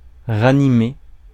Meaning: 1. to revive 2. to animate 3. to motivate, to rally (troops)
- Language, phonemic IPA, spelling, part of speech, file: French, /ʁa.ni.me/, ranimer, verb, Fr-ranimer.ogg